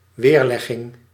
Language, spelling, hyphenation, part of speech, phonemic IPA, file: Dutch, weerlegging, weer‧leg‧ging, noun, /werˈlɛɣɪŋ/, Nl-weerlegging.ogg
- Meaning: refutation (an act of refuting)